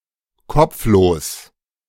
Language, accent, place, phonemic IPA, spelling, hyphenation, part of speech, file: German, Germany, Berlin, /ˈkɔp͡fˌloːs/, kopflos, kopf‧los, adjective, De-kopflos.ogg
- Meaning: 1. headless 2. absent-minded